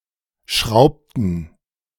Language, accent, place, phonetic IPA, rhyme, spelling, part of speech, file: German, Germany, Berlin, [ˈʃʁaʊ̯ptn̩], -aʊ̯ptn̩, schraubten, verb, De-schraubten.ogg
- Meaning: inflection of schrauben: 1. first/third-person plural preterite 2. first/third-person plural subjunctive II